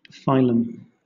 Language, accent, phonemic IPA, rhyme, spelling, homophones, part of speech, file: English, Southern England, /ˈfaɪləm/, -aɪləm, phylum, filum, noun, LL-Q1860 (eng)-phylum.wav
- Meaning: A rank in the classification of organisms, below kingdom and above class; also called a divisio or a division, especially in describing plants; a taxon at that rank